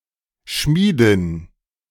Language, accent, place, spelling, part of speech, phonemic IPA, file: German, Germany, Berlin, Schmiedin, noun, /ˈʃmiːdɪn/, De-Schmiedin.ogg
- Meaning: 1. female smith 2. female blacksmith